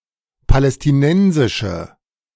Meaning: inflection of palästinensisch: 1. strong/mixed nominative/accusative feminine singular 2. strong nominative/accusative plural 3. weak nominative all-gender singular
- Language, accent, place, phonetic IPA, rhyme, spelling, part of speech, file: German, Germany, Berlin, [palɛstɪˈnɛnzɪʃə], -ɛnzɪʃə, palästinensische, adjective, De-palästinensische.ogg